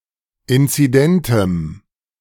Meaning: strong dative masculine/neuter singular of inzident
- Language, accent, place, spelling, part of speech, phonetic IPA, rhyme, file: German, Germany, Berlin, inzidentem, adjective, [ˌɪnt͡siˈdɛntəm], -ɛntəm, De-inzidentem.ogg